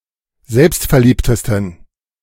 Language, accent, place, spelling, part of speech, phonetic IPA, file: German, Germany, Berlin, selbstverliebtesten, adjective, [ˈzɛlpstfɛɐ̯ˌliːptəstn̩], De-selbstverliebtesten.ogg
- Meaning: 1. superlative degree of selbstverliebt 2. inflection of selbstverliebt: strong genitive masculine/neuter singular superlative degree